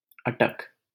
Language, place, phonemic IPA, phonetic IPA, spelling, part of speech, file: Hindi, Delhi, /ə.ʈək/, [ɐ.ʈɐk], अटक, noun / proper noun, LL-Q1568 (hin)-अटक.wav
- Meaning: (noun) 1. obstacle, stoppage 2. doubt; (proper noun) Attock (a city in Punjab, Pakistan)